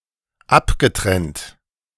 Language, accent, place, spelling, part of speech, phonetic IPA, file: German, Germany, Berlin, abgetrennt, adjective / verb, [ˈapɡəˌtʁɛnt], De-abgetrennt.ogg
- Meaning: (verb) past participle of abtrennen; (adjective) detached, severed, separated